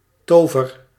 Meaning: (noun) something enchanting, (figurative) magic; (verb) inflection of toveren: 1. first-person singular present indicative 2. second-person singular present indicative 3. imperative
- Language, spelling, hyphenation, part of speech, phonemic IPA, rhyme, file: Dutch, tover, to‧ver, noun / verb, /ˈtoː.vər/, -oːvər, Nl-tover.ogg